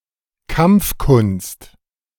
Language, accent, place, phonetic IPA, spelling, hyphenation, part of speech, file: German, Germany, Berlin, [ˈkampfˌkʊnst], Kampfkunst, Kampf‧kunst, noun, De-Kampfkunst.ogg
- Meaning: martial art